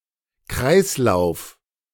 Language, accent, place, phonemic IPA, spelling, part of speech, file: German, Germany, Berlin, /ˈkʁaɪ̯sˌlaʊ̯f/, Kreislauf, noun, De-Kreislauf.ogg
- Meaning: 1. loop, cycle 2. circuit (electrical) 3. circulation